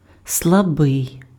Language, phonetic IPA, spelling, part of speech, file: Ukrainian, [sɫɐˈbɪi̯], слабий, adjective, Uk-слабий.ogg
- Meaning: 1. weak 2. ill, sick, diseased